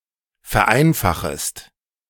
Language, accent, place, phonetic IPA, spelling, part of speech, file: German, Germany, Berlin, [fɛɐ̯ˈʔaɪ̯nfaxəst], vereinfachest, verb, De-vereinfachest.ogg
- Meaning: second-person singular subjunctive I of vereinfachen